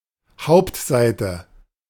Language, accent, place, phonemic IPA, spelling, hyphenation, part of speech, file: German, Germany, Berlin, /ˈhaʊ̯ptˌzaɪ̯tə/, Hauptseite, Haupt‧sei‧te, noun, De-Hauptseite.ogg
- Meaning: main page, home page